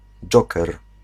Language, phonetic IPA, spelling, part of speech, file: Polish, [ˈd͡ʒɔkɛr], dżoker, noun, Pl-dżoker.ogg